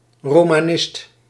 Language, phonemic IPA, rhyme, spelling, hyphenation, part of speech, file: Dutch, /ˌroː.maːˈnɪst/, -ɪst, romanist, ro‧ma‧nist, noun, Nl-romanist.ogg
- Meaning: Romanicist, student of Romance languages and cultures